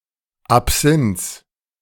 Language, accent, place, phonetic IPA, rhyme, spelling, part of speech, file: German, Germany, Berlin, [apˈz̥ɪnt͡s], -ɪnt͡s, Absinths, noun, De-Absinths.ogg
- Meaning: genitive singular of Absinth